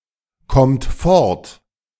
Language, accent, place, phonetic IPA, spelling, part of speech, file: German, Germany, Berlin, [ˌkɔmt ˈfɔʁt], kommt fort, verb, De-kommt fort.ogg
- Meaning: second-person plural present of fortkommen